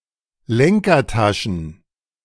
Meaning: plural of Lenkertasche
- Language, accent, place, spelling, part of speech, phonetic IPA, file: German, Germany, Berlin, Lenkertaschen, noun, [ˈlɛŋkɐˌtaʃn̩], De-Lenkertaschen.ogg